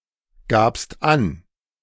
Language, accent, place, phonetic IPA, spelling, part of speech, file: German, Germany, Berlin, [ˌɡaːpst ˈan], gabst an, verb, De-gabst an.ogg
- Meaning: second-person singular preterite of angeben